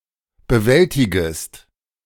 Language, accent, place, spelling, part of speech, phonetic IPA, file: German, Germany, Berlin, bewältigest, verb, [bəˈvɛltɪɡəst], De-bewältigest.ogg
- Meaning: second-person singular subjunctive I of bewältigen